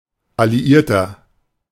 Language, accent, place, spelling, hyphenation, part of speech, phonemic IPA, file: German, Germany, Berlin, Alliierter, Al‧li‧ier‧ter, noun, /aliˈʔiːɐ̯tɐ/, De-Alliierter.ogg
- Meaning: 1. ally (male or of unspecified gender) 2. Allied power 3. inflection of Alliierte: strong genitive/dative singular 4. inflection of Alliierte: strong genitive plural